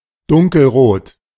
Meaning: dark red
- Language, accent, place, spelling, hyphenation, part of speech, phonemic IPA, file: German, Germany, Berlin, dunkelrot, dun‧kel‧rot, adjective, /ˈdʊŋkl̩ˌʁoːt/, De-dunkelrot.ogg